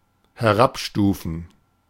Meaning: 1. to downgrade 2. to degrade
- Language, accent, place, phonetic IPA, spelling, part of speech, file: German, Germany, Berlin, [hɛˈʁapˌʃtuːfn̩], herabstufen, verb, De-herabstufen.ogg